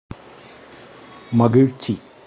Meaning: happiness, joy
- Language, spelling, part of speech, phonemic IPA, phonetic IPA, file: Tamil, மகிழ்ச்சி, noun, /mɐɡɪɻtʃtʃiː/, [mɐɡɪɻssiː], Ta-மகிழ்ச்சி.ogg